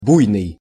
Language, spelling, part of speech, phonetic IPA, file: Russian, буйный, adjective, [ˈbujnɨj], Ru-буйный.ogg
- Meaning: 1. impetuous, wild, violent, vehement 2. unbridled, exuberant